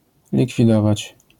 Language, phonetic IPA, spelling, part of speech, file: Polish, [ˌlʲikfʲiˈdɔvat͡ɕ], likwidować, verb, LL-Q809 (pol)-likwidować.wav